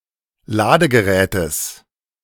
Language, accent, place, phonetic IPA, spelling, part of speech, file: German, Germany, Berlin, [ˈlaːdəɡəˌʁɛːtəs], Ladegerätes, noun, De-Ladegerätes.ogg
- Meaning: genitive singular of Ladegerät